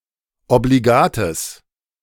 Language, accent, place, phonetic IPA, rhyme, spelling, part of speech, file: German, Germany, Berlin, [obliˈɡaːtəs], -aːtəs, obligates, adjective, De-obligates.ogg
- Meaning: strong/mixed nominative/accusative neuter singular of obligat